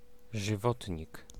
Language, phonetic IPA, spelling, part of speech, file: Polish, [ʒɨˈvɔtʲɲik], żywotnik, noun, Pl-żywotnik.ogg